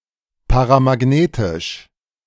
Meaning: paramagnetic
- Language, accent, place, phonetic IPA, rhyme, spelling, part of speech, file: German, Germany, Berlin, [paʁamaˈɡneːtɪʃ], -eːtɪʃ, paramagnetisch, adjective, De-paramagnetisch.ogg